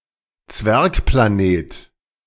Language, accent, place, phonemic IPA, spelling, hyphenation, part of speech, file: German, Germany, Berlin, /ˈt͡svɛʁkplaˌneːt/, Zwergplanet, Zwerg‧pla‧net, noun, De-Zwergplanet.ogg
- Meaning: dwarf planet